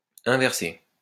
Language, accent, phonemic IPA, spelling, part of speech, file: French, France, /ɛ̃.vɛʁ.se/, inverser, verb, LL-Q150 (fra)-inverser.wav
- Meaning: 1. to invert 2. to revert 3. to get reversed; to go the other way round